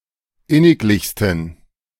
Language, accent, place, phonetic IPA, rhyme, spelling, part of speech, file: German, Germany, Berlin, [ˈɪnɪkˌlɪçstn̩], -ɪnɪklɪçstn̩, inniglichsten, adjective, De-inniglichsten.ogg
- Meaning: 1. superlative degree of inniglich 2. inflection of inniglich: strong genitive masculine/neuter singular superlative degree